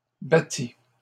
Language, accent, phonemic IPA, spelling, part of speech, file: French, Canada, /ba.ti/, battît, verb, LL-Q150 (fra)-battît.wav
- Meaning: third-person singular imperfect subjunctive of battre